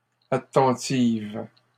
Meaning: feminine plural of attentif
- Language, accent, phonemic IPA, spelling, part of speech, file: French, Canada, /a.tɑ̃.tiv/, attentives, adjective, LL-Q150 (fra)-attentives.wav